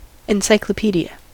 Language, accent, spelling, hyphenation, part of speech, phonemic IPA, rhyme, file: English, US, encyclopedia, en‧cy‧clo‧pe‧di‧a, noun, /ɪnˌsaɪkləˈpidi.ə/, -iːdiə, En-us-encyclopedia.ogg